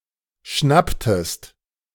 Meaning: inflection of schnappen: 1. second-person singular preterite 2. second-person singular subjunctive II
- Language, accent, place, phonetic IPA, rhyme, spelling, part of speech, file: German, Germany, Berlin, [ˈʃnaptəst], -aptəst, schnapptest, verb, De-schnapptest.ogg